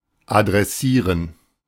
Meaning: to address
- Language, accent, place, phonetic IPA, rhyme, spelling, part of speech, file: German, Germany, Berlin, [adʁɛˈsiːʁən], -iːʁən, adressieren, verb, De-adressieren.ogg